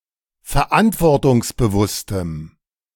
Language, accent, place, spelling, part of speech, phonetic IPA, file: German, Germany, Berlin, verantwortungsbewusstem, adjective, [fɛɐ̯ˈʔantvɔʁtʊŋsbəˌvʊstəm], De-verantwortungsbewusstem.ogg
- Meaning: strong dative masculine/neuter singular of verantwortungsbewusst